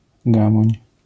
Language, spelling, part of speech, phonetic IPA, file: Polish, gamoń, noun, [ˈɡãmɔ̃ɲ], LL-Q809 (pol)-gamoń.wav